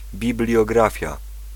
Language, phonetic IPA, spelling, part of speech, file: Polish, [ˌbʲiblʲjɔˈɡrafʲja], bibliografia, noun, Pl-bibliografia.ogg